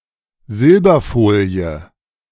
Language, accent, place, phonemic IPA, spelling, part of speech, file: German, Germany, Berlin, /ˈzɪlbɐˌfoːli̯ə/, Silberfolie, noun, De-Silberfolie.ogg
- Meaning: 1. "silver foil", that is, aluminium foil (so called because it is generally silver-coloured) 2. silver foil, silver leaf: thin foil of silver